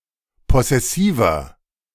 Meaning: 1. comparative degree of possessiv 2. inflection of possessiv: strong/mixed nominative masculine singular 3. inflection of possessiv: strong genitive/dative feminine singular
- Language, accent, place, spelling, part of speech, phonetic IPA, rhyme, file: German, Germany, Berlin, possessiver, adjective, [ˌpɔsɛˈsiːvɐ], -iːvɐ, De-possessiver.ogg